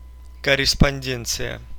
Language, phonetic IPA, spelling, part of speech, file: Russian, [kərʲɪspɐnʲˈdʲent͡sɨjə], корреспонденция, noun, Ru-корреспонде́нция.ogg
- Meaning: 1. correspondence, mail (parcels and letters) 2. correspondence (postal or other written communications)